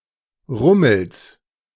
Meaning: genitive singular of Rummel
- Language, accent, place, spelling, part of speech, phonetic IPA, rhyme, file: German, Germany, Berlin, Rummels, noun, [ˈʁʊml̩s], -ʊml̩s, De-Rummels.ogg